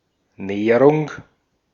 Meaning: spit (long, very narrow peninsula, especially in the Baltic Sea)
- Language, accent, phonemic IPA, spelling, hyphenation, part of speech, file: German, Austria, /ˈneːʁʊŋ/, Nehrung, Neh‧rung, noun, De-at-Nehrung.ogg